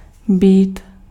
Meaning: 1. to be 2. to be (to exist) 3. used to form past tense forms of verbs with past participles 4. used to form future tense forms of verbs with infinitives
- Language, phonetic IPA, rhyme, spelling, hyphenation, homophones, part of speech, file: Czech, [ˈbiːt], -iːt, být, být, bít, verb, Cs-být.ogg